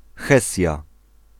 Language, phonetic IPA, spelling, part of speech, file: Polish, [ˈxɛsʲja], Hesja, proper noun, Pl-Hesja.ogg